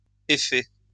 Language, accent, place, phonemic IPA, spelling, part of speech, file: French, France, Lyon, /e.fɛ/, effets, noun, LL-Q150 (fra)-effets.wav
- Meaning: plural of effet